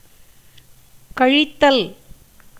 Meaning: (noun) subtraction; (verb) A gerund of கழி (kaḻi)
- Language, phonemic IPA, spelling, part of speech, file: Tamil, /kɐɻɪt̪ːɐl/, கழித்தல், noun / verb, Ta-கழித்தல்.ogg